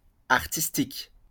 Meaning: artistic
- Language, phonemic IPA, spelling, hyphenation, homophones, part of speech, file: French, /aʁ.tis.tik/, artistique, ar‧tis‧tique, artistiques, adjective, LL-Q150 (fra)-artistique.wav